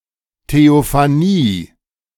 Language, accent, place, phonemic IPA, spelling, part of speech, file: German, Germany, Berlin, /teofaˈniː/, Theophanie, noun, De-Theophanie.ogg
- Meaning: theophany